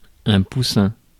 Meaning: 1. chick (a young chicken) 2. sweetheart, darling (used to address a young boy, or to address a man one is in a romantic relationship with)
- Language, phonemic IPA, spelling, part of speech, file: French, /pu.sɛ̃/, poussin, noun, Fr-poussin.ogg